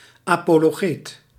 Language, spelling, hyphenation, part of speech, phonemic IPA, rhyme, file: Dutch, apologeet, apo‧lo‧geet, noun, /ˌaː.poː.loːˈɣeːt/, -eːt, Nl-apologeet.ogg
- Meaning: apologist (public defender of a viewpoint, in particular a religious viewpoint)